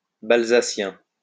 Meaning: of Balzac; Balzacian (relating to Honoré de Balzac or his writings)
- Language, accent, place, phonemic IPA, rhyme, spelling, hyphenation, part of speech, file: French, France, Lyon, /bal.za.sjɛ̃/, -ɛ̃, balzacien, bal‧za‧cien, adjective, LL-Q150 (fra)-balzacien.wav